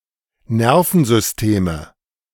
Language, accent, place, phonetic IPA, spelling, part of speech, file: German, Germany, Berlin, [ˈnɛʁfn̩zʏsˌteːmə], Nervensysteme, noun, De-Nervensysteme.ogg
- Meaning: nominative/accusative/genitive plural of Nervensystem